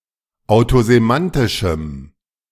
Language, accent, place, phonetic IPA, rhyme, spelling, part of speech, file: German, Germany, Berlin, [aʊ̯tozeˈmantɪʃm̩], -antɪʃm̩, autosemantischem, adjective, De-autosemantischem.ogg
- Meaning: strong dative masculine/neuter singular of autosemantisch